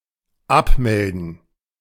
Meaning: 1. to log out, log off 2. to cancel (e.g., a subscription)
- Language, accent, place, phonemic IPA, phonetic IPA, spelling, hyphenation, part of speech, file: German, Germany, Berlin, /ˈapˌmɛldən/, [ˈʔapˌmɛldn̩], abmelden, ab‧mel‧den, verb, De-abmelden.ogg